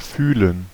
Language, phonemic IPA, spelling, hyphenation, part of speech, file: German, /ˈfyːlən/, fühlen, füh‧len, verb, De-fühlen.ogg
- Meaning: 1. to feel (a thing, sensation, emotion - a noun) 2. to feel (somehow - an adjective) 3. to touch so as to perceive something 4. to feel for, to search by feeling 5. to touch (in general)